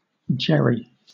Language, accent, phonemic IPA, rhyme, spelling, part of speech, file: English, Southern England, /ˈd͡ʒɛɹi/, -ɛɹi, Jerry, proper noun / noun, LL-Q1860 (eng)-Jerry.wav
- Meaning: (proper noun) A diminutive of the male given names Gerald, Gerard, Jeremy, Jeremiah, Jared, Jerome, Jermaine, Jerrold, and similar male given names